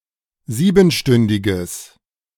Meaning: strong/mixed nominative/accusative neuter singular of siebenstündig
- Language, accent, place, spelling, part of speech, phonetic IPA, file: German, Germany, Berlin, siebenstündiges, adjective, [ˈziːbn̩ˌʃtʏndɪɡəs], De-siebenstündiges.ogg